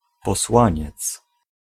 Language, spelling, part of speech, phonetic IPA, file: Polish, posłaniec, noun, [pɔˈswãɲɛt͡s], Pl-posłaniec.ogg